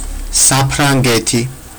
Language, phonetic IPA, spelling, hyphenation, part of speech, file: Georgian, [säpʰɾäŋɡe̞tʰi], საფრანგეთი, საფ‧რან‧გე‧თი, proper noun, Ka-saprangeti.ogg
- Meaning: France (a country located primarily in Western Europe)